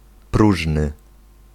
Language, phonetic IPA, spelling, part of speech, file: Polish, [ˈpruʒnɨ], próżny, adjective, Pl-próżny.ogg